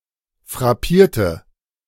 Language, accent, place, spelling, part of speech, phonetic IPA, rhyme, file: German, Germany, Berlin, frappierte, adjective / verb, [fʁaˈpiːɐ̯tə], -iːɐ̯tə, De-frappierte.ogg
- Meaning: inflection of frappieren: 1. first/third-person singular preterite 2. first/third-person singular subjunctive II